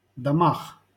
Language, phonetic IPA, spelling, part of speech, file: Russian, [dɐˈmax], домах, noun, LL-Q7737 (rus)-домах.wav
- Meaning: prepositional plural of дом (dom)